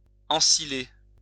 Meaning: to store in a silo
- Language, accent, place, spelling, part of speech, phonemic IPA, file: French, France, Lyon, ensiler, verb, /ɑ̃.si.le/, LL-Q150 (fra)-ensiler.wav